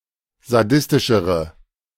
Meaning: inflection of sadistisch: 1. strong/mixed nominative/accusative feminine singular comparative degree 2. strong nominative/accusative plural comparative degree
- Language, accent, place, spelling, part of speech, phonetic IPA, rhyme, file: German, Germany, Berlin, sadistischere, adjective, [zaˈdɪstɪʃəʁə], -ɪstɪʃəʁə, De-sadistischere.ogg